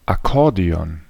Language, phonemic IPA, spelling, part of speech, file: German, /aˈkɔʁdeɔn/, Akkordeon, noun, De-Akkordeon.ogg
- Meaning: accordion